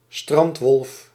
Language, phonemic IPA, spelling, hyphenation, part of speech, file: Dutch, /ˈstrɑnt.ʋɔlf/, strandwolf, strand‧wolf, noun, Nl-strandwolf.ogg
- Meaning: synonym of bruine hyena (“brown hyena, Parahyaena brunnea”)